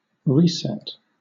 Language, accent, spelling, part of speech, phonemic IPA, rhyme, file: English, Southern England, reset, noun, /ˈɹiː.sɛt/, -ɛt, LL-Q1860 (eng)-reset.wav
- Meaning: 1. The act of resetting to the initial state 2. The act of setting to zero 3. A device, such as a button or switch, for resetting something 4. That which is reset; printed matter set up again